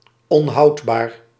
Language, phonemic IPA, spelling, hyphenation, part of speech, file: Dutch, /ɔnˈɦɑu̯t.baːr/, onhoudbaar, on‧houd‧baar, adjective, Nl-onhoudbaar.ogg
- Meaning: untenable